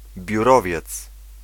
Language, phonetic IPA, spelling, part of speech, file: Polish, [bʲjuˈrɔvʲjɛt͡s], biurowiec, noun, Pl-biurowiec.ogg